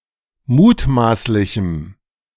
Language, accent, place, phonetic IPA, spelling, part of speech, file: German, Germany, Berlin, [ˈmuːtˌmaːslɪçm̩], mutmaßlichem, adjective, De-mutmaßlichem.ogg
- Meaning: strong dative masculine/neuter singular of mutmaßlich